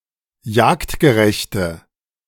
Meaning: inflection of jagdgerecht: 1. strong/mixed nominative/accusative feminine singular 2. strong nominative/accusative plural 3. weak nominative all-gender singular
- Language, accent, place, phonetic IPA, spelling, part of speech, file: German, Germany, Berlin, [ˈjaːktɡəˌʁɛçtə], jagdgerechte, adjective, De-jagdgerechte.ogg